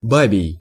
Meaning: womanish, effeminate
- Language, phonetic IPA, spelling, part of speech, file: Russian, [ˈbabʲɪj], бабий, adjective, Ru-бабий.ogg